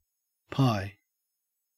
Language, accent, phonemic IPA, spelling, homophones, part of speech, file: English, Australia, /pɑɪ/, pie, pi, noun / verb, En-au-pie.ogg